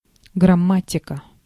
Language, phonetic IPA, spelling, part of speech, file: Russian, [ɡrɐˈmatʲɪkə], грамматика, noun, Ru-грамматика.ogg
- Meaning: grammar